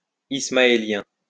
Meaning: Ismaelian; Shiite
- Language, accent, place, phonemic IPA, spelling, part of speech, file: French, France, Lyon, /is.ma.e.ljɛ̃/, ismaélien, noun, LL-Q150 (fra)-ismaélien.wav